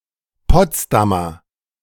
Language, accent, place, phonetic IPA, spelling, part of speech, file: German, Germany, Berlin, [ˈpɔt͡sdamɐ], Potsdamer, noun / adjective, De-Potsdamer.ogg
- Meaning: Potsdamer (native or inhabitant of the city of Potsdam, capital of Brandenburg, Germany) (usually male)